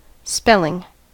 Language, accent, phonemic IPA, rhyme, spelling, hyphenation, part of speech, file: English, US, /ˈspɛl.ɪŋ/, -ɛlɪŋ, spelling, spell‧ing, verb / noun, En-us-spelling.ogg
- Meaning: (verb) present participle and gerund of spell; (noun) The act, practice, ability, or subject of forming words with letters, or of reading the letters of words; orthography